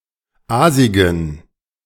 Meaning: inflection of aasig: 1. strong genitive masculine/neuter singular 2. weak/mixed genitive/dative all-gender singular 3. strong/weak/mixed accusative masculine singular 4. strong dative plural
- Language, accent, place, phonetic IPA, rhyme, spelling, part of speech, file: German, Germany, Berlin, [ˈaːzɪɡn̩], -aːzɪɡn̩, aasigen, adjective, De-aasigen.ogg